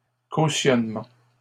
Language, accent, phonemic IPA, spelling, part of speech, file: French, Canada, /ko.sjɔn.mɑ̃/, cautionnements, noun, LL-Q150 (fra)-cautionnements.wav
- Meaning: plural of cautionnement